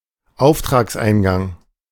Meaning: incoming order, receipt of an order
- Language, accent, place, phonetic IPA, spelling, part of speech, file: German, Germany, Berlin, [ˈaʊ̯ftʁaːksˌʔaɪ̯nɡaŋ], Auftragseingang, noun, De-Auftragseingang.ogg